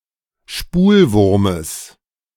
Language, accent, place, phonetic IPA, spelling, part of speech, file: German, Germany, Berlin, [ˈʃpuːlˌvʊʁməs], Spulwurmes, noun, De-Spulwurmes.ogg
- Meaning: genitive of Spulwurm